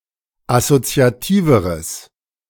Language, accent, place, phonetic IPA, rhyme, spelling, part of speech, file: German, Germany, Berlin, [asot͡si̯aˈtiːvəʁəs], -iːvəʁəs, assoziativeres, adjective, De-assoziativeres.ogg
- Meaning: strong/mixed nominative/accusative neuter singular comparative degree of assoziativ